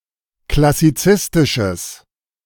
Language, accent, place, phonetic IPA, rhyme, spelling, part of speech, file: German, Germany, Berlin, [klasiˈt͡sɪstɪʃəs], -ɪstɪʃəs, klassizistisches, adjective, De-klassizistisches.ogg
- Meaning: strong/mixed nominative/accusative neuter singular of klassizistisch